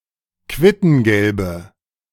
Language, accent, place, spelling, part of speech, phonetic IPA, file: German, Germany, Berlin, quittengelbe, adjective, [ˈkvɪtn̩ɡɛlbə], De-quittengelbe.ogg
- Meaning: inflection of quittengelb: 1. strong/mixed nominative/accusative feminine singular 2. strong nominative/accusative plural 3. weak nominative all-gender singular